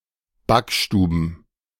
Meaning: plural of Backstube
- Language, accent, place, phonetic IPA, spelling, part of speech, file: German, Germany, Berlin, [ˈbakˌʃtuːbn̩], Backstuben, noun, De-Backstuben.ogg